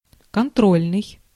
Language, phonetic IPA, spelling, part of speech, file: Russian, [kɐnˈtrolʲnɨj], контрольный, adjective, Ru-контрольный.ogg
- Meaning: 1. control 2. check, verification, inspection